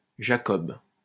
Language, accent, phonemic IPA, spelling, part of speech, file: French, France, /ʒa.kɔb/, Jacob, proper noun, LL-Q150 (fra)-Jacob.wav
- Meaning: 1. Jacob (biblical figure) 2. a male given name